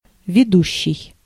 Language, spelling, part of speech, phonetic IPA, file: Russian, ведущий, verb / noun / adjective, [vʲɪˈduɕːɪj], Ru-ведущий.ogg
- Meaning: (verb) present active imperfective participle of вести́ (vestí); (noun) host, anchor, narrator; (adjective) 1. leading, main, head 2. driving (e.g. wheel)